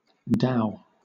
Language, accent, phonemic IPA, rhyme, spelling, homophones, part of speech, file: English, Southern England, /daʊ/, -aʊ, dhow, dow, noun, LL-Q1860 (eng)-dhow.wav
- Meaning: A traditional sailing vessel used along the coasts of Arabia, East Africa, and the Indian Ocean, generally having a single mast and a lateen sail